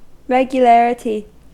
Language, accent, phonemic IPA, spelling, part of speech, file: English, US, /ˌɹɛɡjuˈlæɹəti/, regularity, noun, En-us-regularity.ogg
- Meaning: 1. The condition or quality of being regular 2. A particular regular occurrence